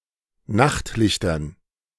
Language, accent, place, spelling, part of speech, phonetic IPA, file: German, Germany, Berlin, Nachtlichtern, noun, [ˈnaxtˌlɪçtɐn], De-Nachtlichtern.ogg
- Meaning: dative plural of Nachtlicht